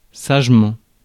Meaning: wisely, sagely
- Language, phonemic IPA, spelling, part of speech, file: French, /saʒ.mɑ̃/, sagement, adverb, Fr-sagement.ogg